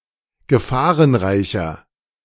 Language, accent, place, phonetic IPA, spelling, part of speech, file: German, Germany, Berlin, [ɡəˈfaːʁənˌʁaɪ̯çɐ], gefahrenreicher, adjective, De-gefahrenreicher.ogg
- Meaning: 1. comparative degree of gefahrenreich 2. inflection of gefahrenreich: strong/mixed nominative masculine singular 3. inflection of gefahrenreich: strong genitive/dative feminine singular